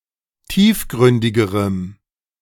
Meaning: strong dative masculine/neuter singular comparative degree of tiefgründig
- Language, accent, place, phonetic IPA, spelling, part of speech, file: German, Germany, Berlin, [ˈtiːfˌɡʁʏndɪɡəʁəm], tiefgründigerem, adjective, De-tiefgründigerem.ogg